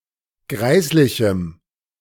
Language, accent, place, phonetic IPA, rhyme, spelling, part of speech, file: German, Germany, Berlin, [ˈɡʁaɪ̯slɪçm̩], -aɪ̯slɪçm̩, greislichem, adjective, De-greislichem.ogg
- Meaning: strong dative masculine/neuter singular of greislich